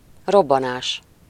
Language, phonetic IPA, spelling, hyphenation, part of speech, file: Hungarian, [ˈrobːɒnaːʃ], robbanás, rob‧ba‧nás, noun, Hu-robbanás.ogg
- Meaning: explosion (a violent release of energy)